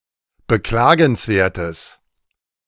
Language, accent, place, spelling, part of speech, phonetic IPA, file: German, Germany, Berlin, beklagenswertes, adjective, [bəˈklaːɡn̩sˌveːɐ̯təs], De-beklagenswertes.ogg
- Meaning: strong/mixed nominative/accusative neuter singular of beklagenswert